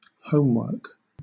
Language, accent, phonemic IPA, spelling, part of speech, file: English, Southern England, /ˈhəʊmˌwɜːk/, homework, noun, LL-Q1860 (eng)-homework.wav
- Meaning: Exercises assigned by a teacher to a student which review concepts studied in class